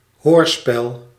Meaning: radio drama, radioplay
- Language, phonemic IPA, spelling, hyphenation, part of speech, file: Dutch, /ɦoːrspɛl/, hoorspel, hoor‧spel, noun, Nl-hoorspel.ogg